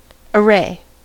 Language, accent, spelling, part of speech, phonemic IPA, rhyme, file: English, US, array, noun / verb, /əˈɹeɪ/, -eɪ, En-us-array.ogg
- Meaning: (noun) 1. Clothing and ornamentation; raiment 2. A collection laid out to be viewed in full 3. An orderly series, arrangement or sequence